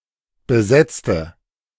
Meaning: inflection of besetzen: 1. first/third-person singular preterite 2. first/third-person singular subjunctive II
- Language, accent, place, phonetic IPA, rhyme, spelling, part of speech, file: German, Germany, Berlin, [bəˈzɛt͡stə], -ɛt͡stə, besetzte, adjective / verb, De-besetzte.ogg